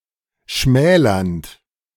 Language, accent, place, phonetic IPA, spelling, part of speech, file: German, Germany, Berlin, [ˈʃmɛːlɐnt], schmälernd, verb, De-schmälernd.ogg
- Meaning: present participle of schmälern